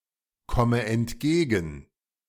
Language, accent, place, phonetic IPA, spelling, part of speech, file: German, Germany, Berlin, [ˌkɔmə ɛntˈɡeːɡn̩], komme entgegen, verb, De-komme entgegen.ogg
- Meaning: inflection of entgegenkommen: 1. first-person singular present 2. first/third-person singular subjunctive I 3. singular imperative